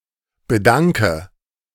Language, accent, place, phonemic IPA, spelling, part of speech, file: German, Germany, Berlin, /bə.ˈdaŋkə/, bedanke, verb, De-bedanke.ogg
- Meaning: inflection of bedanken: 1. first-person singular present 2. singular imperative 3. first/third-person singular subjunctive I